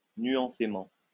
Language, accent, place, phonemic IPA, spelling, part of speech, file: French, France, Lyon, /nɥɑ̃.se.mɑ̃/, nuancément, adverb, LL-Q150 (fra)-nuancément.wav
- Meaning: nuancedly